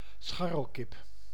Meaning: free-range chicken
- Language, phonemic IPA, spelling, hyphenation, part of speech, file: Dutch, /ˈsxɑ.rəlˌkɪp/, scharrelkip, schar‧rel‧kip, noun, Nl-scharrelkip.ogg